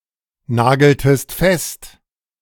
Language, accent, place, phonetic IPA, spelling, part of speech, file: German, Germany, Berlin, [ˌnaːɡl̩təst ˈfɛst], nageltest fest, verb, De-nageltest fest.ogg
- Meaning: inflection of festnageln: 1. second-person singular preterite 2. second-person singular subjunctive II